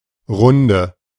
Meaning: 1. round (of drinks) 2. circle, group (constellation of friends or colleagues engaging in a shared activity) 3. round (circular or repetitious route) 4. lap (one circuit around a race track)
- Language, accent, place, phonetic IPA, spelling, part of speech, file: German, Germany, Berlin, [ˈʁʊndə], Runde, noun, De-Runde.ogg